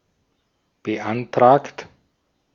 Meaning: 1. past participle of beantragen 2. inflection of beantragen: second-person plural present 3. inflection of beantragen: third-person singular present 4. inflection of beantragen: plural imperative
- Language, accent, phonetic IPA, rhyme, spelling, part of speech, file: German, Austria, [bəˈʔantʁaːkt], -antʁaːkt, beantragt, verb, De-at-beantragt.ogg